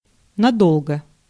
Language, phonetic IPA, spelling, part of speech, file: Russian, [nɐˈdoɫɡə], надолго, adverb, Ru-надолго.ogg
- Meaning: for long, for a long time